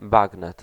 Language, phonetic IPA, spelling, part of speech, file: Polish, [ˈbaɡnɛt], bagnet, noun, Pl-bagnet.ogg